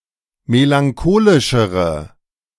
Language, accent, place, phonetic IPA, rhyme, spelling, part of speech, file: German, Germany, Berlin, [melaŋˈkoːlɪʃəʁə], -oːlɪʃəʁə, melancholischere, adjective, De-melancholischere.ogg
- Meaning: inflection of melancholisch: 1. strong/mixed nominative/accusative feminine singular comparative degree 2. strong nominative/accusative plural comparative degree